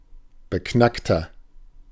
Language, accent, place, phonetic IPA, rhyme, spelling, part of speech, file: German, Germany, Berlin, [bəˈknaktɐ], -aktɐ, beknackter, adjective, De-beknackter.ogg
- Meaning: 1. comparative degree of beknackt 2. inflection of beknackt: strong/mixed nominative masculine singular 3. inflection of beknackt: strong genitive/dative feminine singular